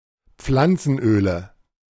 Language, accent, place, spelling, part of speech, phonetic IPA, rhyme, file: German, Germany, Berlin, Pflanzenöle, noun, [ˈp͡flant͡sn̩ˌʔøːlə], -ant͡sn̩ʔøːlə, De-Pflanzenöle.ogg
- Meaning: nominative/accusative/genitive plural of Pflanzenöl